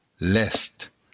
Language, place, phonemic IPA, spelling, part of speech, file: Occitan, Béarn, /lɛst/, lèst, adjective / noun, LL-Q14185 (oci)-lèst.wav
- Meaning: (adjective) 1. ready (prepared for immediate action or use) 2. agile; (noun) ballast (heavy material that is placed in the hold of a ship)